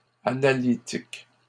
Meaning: plural of analytique
- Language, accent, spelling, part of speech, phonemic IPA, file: French, Canada, analytiques, adjective, /a.na.li.tik/, LL-Q150 (fra)-analytiques.wav